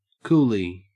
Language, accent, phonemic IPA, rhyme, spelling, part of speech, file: English, Australia, /ˈkuːli/, -uːli, coolie, noun, En-au-coolie.ogg